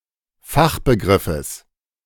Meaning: genitive singular of Fachbegriff
- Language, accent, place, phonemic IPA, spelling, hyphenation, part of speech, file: German, Germany, Berlin, /ˈfaxbəˌɡʁɪfəs/, Fachbegriffes, Fach‧be‧grif‧fes, noun, De-Fachbegriffes.ogg